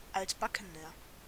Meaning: 1. comparative degree of altbacken 2. inflection of altbacken: strong/mixed nominative masculine singular 3. inflection of altbacken: strong genitive/dative feminine singular
- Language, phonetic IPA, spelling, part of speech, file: German, [ˈaltbakənɐ], altbackener, adjective, De-altbackener.ogg